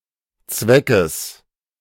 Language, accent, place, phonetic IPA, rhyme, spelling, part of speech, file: German, Germany, Berlin, [ˈt͡svɛkəs], -ɛkəs, Zweckes, noun, De-Zweckes.ogg
- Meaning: genitive singular of Zweck